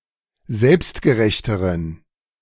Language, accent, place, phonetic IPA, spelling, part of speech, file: German, Germany, Berlin, [ˈzɛlpstɡəˌʁɛçtəʁən], selbstgerechteren, adjective, De-selbstgerechteren.ogg
- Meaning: inflection of selbstgerecht: 1. strong genitive masculine/neuter singular comparative degree 2. weak/mixed genitive/dative all-gender singular comparative degree